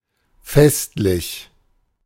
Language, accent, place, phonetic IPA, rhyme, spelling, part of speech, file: German, Germany, Berlin, [ˈfɛstlɪç], -ɛstlɪç, festlich, adjective, De-festlich.ogg
- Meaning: festive